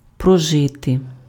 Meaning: 1. to live, to reside, to dwell 2. to spend, to run through
- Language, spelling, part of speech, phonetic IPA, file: Ukrainian, прожити, verb, [prɔˈʒɪte], Uk-прожити.ogg